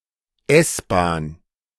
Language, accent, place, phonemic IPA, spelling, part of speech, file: German, Germany, Berlin, /ˈɛsˌbaːn/, S-Bahn, noun, De-S-Bahn.ogg
- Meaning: A commuter rail/metro system (generally overground) serving a metropolitan area or A train in such systems (S-train)